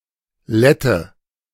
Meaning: Latvian (person)
- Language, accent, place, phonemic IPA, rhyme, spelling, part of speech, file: German, Germany, Berlin, /ˈlɛtə/, -ɛtə, Lette, noun, De-Lette.ogg